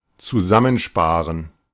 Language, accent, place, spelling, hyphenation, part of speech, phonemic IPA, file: German, Germany, Berlin, zusammensparen, zu‧sam‧men‧spa‧ren, verb, /t͡suˈzamənˌʃpaːʁən/, De-zusammensparen.ogg
- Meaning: to save up